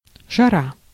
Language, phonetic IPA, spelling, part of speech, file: Russian, [ʐɐˈra], жара, noun, Ru-жара.ogg
- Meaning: heat, hot weather, hot spell